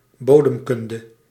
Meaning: soil science
- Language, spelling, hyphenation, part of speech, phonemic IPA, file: Dutch, bodemkunde, bo‧dem‧kun‧de, noun, /ˈboː.dəmˌkʏn.də/, Nl-bodemkunde.ogg